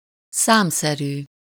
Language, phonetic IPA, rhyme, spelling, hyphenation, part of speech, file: Hungarian, [ˈsaːmsɛryː], -ryː, számszerű, szám‧sze‧rű, adjective, Hu-számszerű.ogg
- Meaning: 1. numerical (expressed or expressible in numbers) 2. quantitative 3. countable